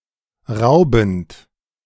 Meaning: present participle of rauben
- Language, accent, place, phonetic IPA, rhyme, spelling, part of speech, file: German, Germany, Berlin, [ˈʁaʊ̯bn̩t], -aʊ̯bn̩t, raubend, verb, De-raubend.ogg